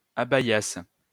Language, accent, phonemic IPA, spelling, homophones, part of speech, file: French, France, /a.ba.jas/, abaïasse, abaïasses / abaïassent, verb, LL-Q150 (fra)-abaïasse.wav
- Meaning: first-person singular imperfect subjunctive of abaïer